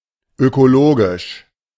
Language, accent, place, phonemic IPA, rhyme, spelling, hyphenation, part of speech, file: German, Germany, Berlin, /økoˈloːɡɪʃ/, -oːɡɪʃ, ökologisch, ö‧ko‧lo‧gisch, adjective / adverb, De-ökologisch.ogg
- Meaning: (adjective) 1. ecologic, ecological 2. environmental; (adverb) 1. ecologically 2. environmentally